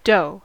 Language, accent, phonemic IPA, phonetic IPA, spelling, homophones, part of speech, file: English, US, /doʊ/, [ˈdö̞ʷʊ̯ʷ], dough, doh / d'oh / doe, noun / verb, En-us-dough.ogg
- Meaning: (noun) 1. A thick, malleable substance made by mixing flour with other ingredients such as water, eggs, or butter, that is made into a particular form and then baked 2. Money